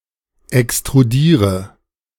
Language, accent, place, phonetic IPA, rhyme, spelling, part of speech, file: German, Germany, Berlin, [ɛkstʁuˈdiːʁə], -iːʁə, extrudiere, verb, De-extrudiere.ogg
- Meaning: inflection of extrudieren: 1. first-person singular present 2. first/third-person singular subjunctive I 3. singular imperative